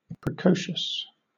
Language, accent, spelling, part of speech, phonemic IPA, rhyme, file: English, Southern England, precocious, adjective, /pɹəˈkəʊʃəs/, -əʊʃəs, LL-Q1860 (eng)-precocious.wav
- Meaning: 1. Characterized by exceptionally early development or maturity 2. Exhibiting advanced skills and aptitudes at an abnormally early age